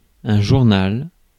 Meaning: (adjective) That is relative to each day; journal; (noun) 1. diary, journal 2. newspaper 3. periodical 4. newsbreak 5. log
- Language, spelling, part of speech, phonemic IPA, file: French, journal, adjective / noun, /ʒuʁ.nal/, Fr-journal.ogg